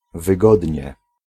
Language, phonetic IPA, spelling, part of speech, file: Polish, [vɨˈɡɔdʲɲɛ], wygodnie, adverb, Pl-wygodnie.ogg